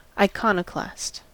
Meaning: One who destroys religious images or icons, especially an opponent of the Orthodox Church in the 8th and 9th centuries, or a Puritan during the European Reformation
- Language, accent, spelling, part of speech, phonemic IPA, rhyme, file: English, US, iconoclast, noun, /aɪˈkɑn.əˌklæst/, -æst, En-us-iconoclast.ogg